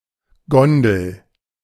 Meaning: 1. gondola 2. nacelle (of a wind turbine)
- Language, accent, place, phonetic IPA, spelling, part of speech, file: German, Germany, Berlin, [ˈɡɔndl̩], Gondel, noun, De-Gondel.ogg